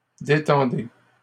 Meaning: inflection of détendre: 1. second-person plural present indicative 2. second-person plural imperative
- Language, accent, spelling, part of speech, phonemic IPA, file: French, Canada, détendez, verb, /de.tɑ̃.de/, LL-Q150 (fra)-détendez.wav